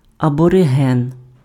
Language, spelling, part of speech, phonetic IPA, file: Ukrainian, абориген, noun, [ɐbɔreˈɦɛn], Uk-абориген.ogg
- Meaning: aborigine